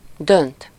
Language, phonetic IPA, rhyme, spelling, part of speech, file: Hungarian, [ˈdønt], -ønt, dönt, verb, Hu-dönt.ogg
- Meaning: 1. to decide on or about something (-ban/-ben or -ról/-ről) (often used with úgy) 2. to tip, overturn, turn over (to change an object's position from vertical to horizontal)